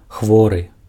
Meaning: sick, ill
- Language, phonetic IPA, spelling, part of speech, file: Belarusian, [ˈxvorɨ], хворы, adjective, Be-хворы.ogg